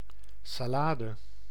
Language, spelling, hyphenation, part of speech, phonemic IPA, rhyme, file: Dutch, salade, sa‧la‧de, noun, /saːˈlaːdə/, -aːdə, Nl-salade.ogg
- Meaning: 1. salad (a food made primarily of a mixture of raw ingredients, typically vegetables) 2. lettuce 3. a sallet, a salade (certain type of round helmet)